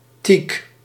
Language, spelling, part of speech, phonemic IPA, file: Dutch, teak, noun / adjective, /tik/, Nl-teak.ogg
- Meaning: teak